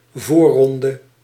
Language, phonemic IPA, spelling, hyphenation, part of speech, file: Dutch, /ˈvorɔndə/, voorronde, voor‧ron‧de, noun, Nl-voorronde.ogg
- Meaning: qualifying round